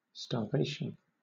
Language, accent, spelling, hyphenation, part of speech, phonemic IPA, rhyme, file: English, Southern England, starvation, star‧va‧tion, noun, /stɑːˈveɪʃən/, -eɪʃən, LL-Q1860 (eng)-starvation.wav
- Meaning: 1. A condition of severe suffering due to a lack of nutrition 2. Severe shortage of resources 3. A state where a process is perpetually denied necessary resources to process its work